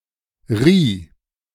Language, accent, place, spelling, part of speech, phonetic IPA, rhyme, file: German, Germany, Berlin, rieh, verb, [ʁiː], -iː, De-rieh.ogg
- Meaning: first/third-person singular preterite of reihen